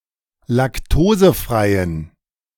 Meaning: inflection of laktosefrei: 1. strong genitive masculine/neuter singular 2. weak/mixed genitive/dative all-gender singular 3. strong/weak/mixed accusative masculine singular 4. strong dative plural
- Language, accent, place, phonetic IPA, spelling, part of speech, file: German, Germany, Berlin, [lakˈtoːzəˌfʁaɪ̯ən], laktosefreien, adjective, De-laktosefreien.ogg